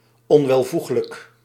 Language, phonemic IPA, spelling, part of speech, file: Dutch, /ˌɔnwɛlˈvuxlək/, onwelvoeglijk, adjective, Nl-onwelvoeglijk.ogg
- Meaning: 1. inappropriate (as in cursing) 2. undesired